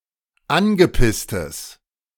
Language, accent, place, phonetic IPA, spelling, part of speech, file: German, Germany, Berlin, [ˈanɡəˌpɪstəs], angepisstes, adjective, De-angepisstes.ogg
- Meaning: strong/mixed nominative/accusative neuter singular of angepisst